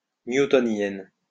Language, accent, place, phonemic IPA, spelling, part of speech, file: French, France, Lyon, /nju.tɔ.njɛn/, newtonienne, adjective, LL-Q150 (fra)-newtonienne.wav
- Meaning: feminine singular of newtonien